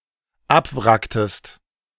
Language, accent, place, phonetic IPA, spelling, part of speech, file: German, Germany, Berlin, [ˈapˌvʁaktəst], abwracktest, verb, De-abwracktest.ogg
- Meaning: inflection of abwracken: 1. second-person singular dependent preterite 2. second-person singular dependent subjunctive II